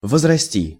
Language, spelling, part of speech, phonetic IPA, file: Russian, возрасти, verb, [vəzrɐˈsʲtʲi], Ru-возрасти.ogg
- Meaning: 1. to grow up 2. to increase, to rise